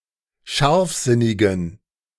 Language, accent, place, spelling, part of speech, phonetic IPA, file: German, Germany, Berlin, scharfsinnigen, adjective, [ˈʃaʁfˌzɪnɪɡn̩], De-scharfsinnigen.ogg
- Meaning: inflection of scharfsinnig: 1. strong genitive masculine/neuter singular 2. weak/mixed genitive/dative all-gender singular 3. strong/weak/mixed accusative masculine singular 4. strong dative plural